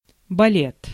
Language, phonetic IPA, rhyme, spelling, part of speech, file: Russian, [bɐˈlʲet], -et, балет, noun, Ru-балет.ogg
- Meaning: ballet